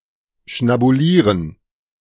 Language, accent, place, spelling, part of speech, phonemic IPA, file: German, Germany, Berlin, schnabulieren, verb, /ʃnabuˈliːʁən/, De-schnabulieren.ogg
- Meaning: to eat heartily, to feast